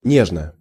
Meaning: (adverb) dearly, fondly, gently; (adjective) short neuter singular of не́жный (néžnyj)
- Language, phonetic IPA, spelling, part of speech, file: Russian, [ˈnʲeʐnə], нежно, adverb / adjective, Ru-нежно.ogg